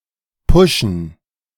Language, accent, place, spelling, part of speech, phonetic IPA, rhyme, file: German, Germany, Berlin, puschen, verb, [ˈpʊʃn̩], -ʊʃn̩, De-puschen.ogg
- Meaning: alternative form of pushen